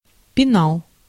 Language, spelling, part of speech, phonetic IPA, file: Russian, пенал, noun, [pʲɪˈnaɫ], Ru-пенал.ogg
- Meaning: pencil case, pencil box (object purposed to contain stationery)